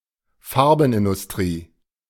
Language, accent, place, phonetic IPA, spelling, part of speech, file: German, Germany, Berlin, [ˈfaʁbn̩ʔɪndʊsˌtʁiː], Farbenindustrie, noun, De-Farbenindustrie.ogg
- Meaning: 1. paint industry 2. dyeworks